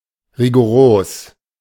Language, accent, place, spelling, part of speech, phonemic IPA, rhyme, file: German, Germany, Berlin, rigoros, adjective, /ʁiɡoˈʁoːs/, -oːs, De-rigoros.ogg
- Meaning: rigorous